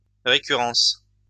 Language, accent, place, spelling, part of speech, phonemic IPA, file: French, France, Lyon, récurrence, noun, /ʁe.ky.ʁɑ̃s/, LL-Q150 (fra)-récurrence.wav
- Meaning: 1. recurrence (return or reversion to a certain state) 2. mathematical induction